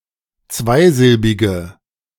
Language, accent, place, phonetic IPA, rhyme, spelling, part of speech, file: German, Germany, Berlin, [ˈt͡svaɪ̯ˌzɪlbɪɡə], -aɪ̯zɪlbɪɡə, zweisilbige, adjective, De-zweisilbige.ogg
- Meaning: inflection of zweisilbig: 1. strong/mixed nominative/accusative feminine singular 2. strong nominative/accusative plural 3. weak nominative all-gender singular